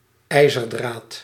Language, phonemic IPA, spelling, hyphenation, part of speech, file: Dutch, /ˈɛi̯.zərˌdraːt/, ijzerdraad, ij‧zer‧draad, noun, Nl-ijzerdraad.ogg
- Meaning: 1. iron wire (material) 2. iron wire (piece of iron wire)